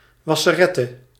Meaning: launderette, laundromat
- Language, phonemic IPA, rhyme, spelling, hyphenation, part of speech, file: Dutch, /ˌʋɑ.səˈrɛ.tə/, -ɛtə, wasserette, was‧se‧ret‧te, noun, Nl-wasserette.ogg